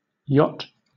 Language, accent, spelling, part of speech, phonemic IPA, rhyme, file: English, Southern England, yacht, noun / verb, /jɒt/, -ɒt, LL-Q1860 (eng)-yacht.wav
- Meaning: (noun) A slick and light ship for making pleasure trips or racing on water, having sails but often motor-powered. At times used as a residence offshore on a dock